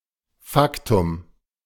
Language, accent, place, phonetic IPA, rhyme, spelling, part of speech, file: German, Germany, Berlin, [ˈfaktʊm], -aktʊm, Faktum, noun, De-Faktum.ogg
- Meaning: fact (something concrete used as a basis for further interpretation)